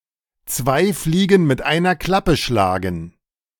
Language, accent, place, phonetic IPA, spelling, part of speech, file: German, Germany, Berlin, [t͡svaɪ̯ ˈfliːɡn̩ mɪt ˈaɪ̯nɐ ˈklapə ˈʃlaːɡn̩], zwei Fliegen mit einer Klappe schlagen, phrase, De-zwei Fliegen mit einer Klappe schlagen.ogg
- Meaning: kill two birds with one stone